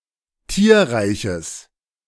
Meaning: genitive singular of Tierreich
- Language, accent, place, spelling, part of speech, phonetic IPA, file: German, Germany, Berlin, Tierreiches, noun, [ˈtiːɐ̯ʁaɪ̯çəs], De-Tierreiches.ogg